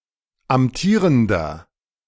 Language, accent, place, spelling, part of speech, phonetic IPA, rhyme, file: German, Germany, Berlin, amtierender, adjective, [amˈtiːʁəndɐ], -iːʁəndɐ, De-amtierender.ogg
- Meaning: inflection of amtierend: 1. strong/mixed nominative masculine singular 2. strong genitive/dative feminine singular 3. strong genitive plural